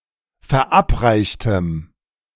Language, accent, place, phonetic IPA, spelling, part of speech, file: German, Germany, Berlin, [fɛɐ̯ˈʔapˌʁaɪ̯çtəm], verabreichtem, adjective, De-verabreichtem.ogg
- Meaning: strong dative masculine/neuter singular of verabreicht